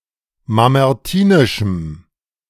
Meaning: strong dative masculine/neuter singular of mamertinisch
- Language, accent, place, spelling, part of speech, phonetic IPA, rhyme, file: German, Germany, Berlin, mamertinischem, adjective, [mamɛʁˈtiːnɪʃm̩], -iːnɪʃm̩, De-mamertinischem.ogg